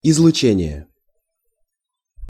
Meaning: radiation, emanation
- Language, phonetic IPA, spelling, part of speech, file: Russian, [ɪzɫʊˈt͡ɕenʲɪje], излучение, noun, Ru-излучение.ogg